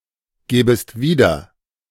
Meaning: second-person singular subjunctive II of wiedergeben
- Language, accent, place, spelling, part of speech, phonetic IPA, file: German, Germany, Berlin, gäbest wieder, verb, [ˌɡɛːbəst ˈviːdɐ], De-gäbest wieder.ogg